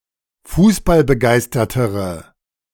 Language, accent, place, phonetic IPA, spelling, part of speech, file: German, Germany, Berlin, [ˈfuːsbalbəˌɡaɪ̯stɐtəʁə], fußballbegeistertere, adjective, De-fußballbegeistertere.ogg
- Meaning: inflection of fußballbegeistert: 1. strong/mixed nominative/accusative feminine singular comparative degree 2. strong nominative/accusative plural comparative degree